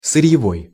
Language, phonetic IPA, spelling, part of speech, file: Russian, [sɨrʲjɪˈvoj], сырьевой, adjective, Ru-сырьевой.ogg
- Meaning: raw material